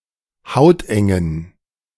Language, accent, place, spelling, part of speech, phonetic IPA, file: German, Germany, Berlin, hautengen, adjective, [ˈhaʊ̯tʔɛŋən], De-hautengen.ogg
- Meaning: inflection of hauteng: 1. strong genitive masculine/neuter singular 2. weak/mixed genitive/dative all-gender singular 3. strong/weak/mixed accusative masculine singular 4. strong dative plural